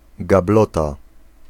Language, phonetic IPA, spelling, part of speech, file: Polish, [ɡaˈblɔta], gablota, noun, Pl-gablota.ogg